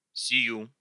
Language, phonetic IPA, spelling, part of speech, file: Russian, [sʲɪˈju], сию, pronoun, Ru-сию.ogg
- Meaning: accusative feminine singular of сей (sej)